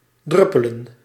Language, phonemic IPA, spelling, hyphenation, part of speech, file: Dutch, /ˈdrʏpələ(n)/, druppelen, drup‧pe‧len, verb, Nl-druppelen.ogg
- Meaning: to drip